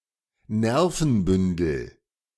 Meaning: 1. bundle of nerve fibers, nerve cord 2. bundle of nerves, jitterbug, nervous wreck
- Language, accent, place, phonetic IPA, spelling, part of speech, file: German, Germany, Berlin, [ˈnɛʁfn̩ˌbʏndl̩], Nervenbündel, noun, De-Nervenbündel.ogg